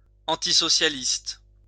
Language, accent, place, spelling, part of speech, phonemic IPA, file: French, France, Lyon, antisocialiste, adjective, /ɑ̃.ti.sɔ.sja.list/, LL-Q150 (fra)-antisocialiste.wav
- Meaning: antisocialist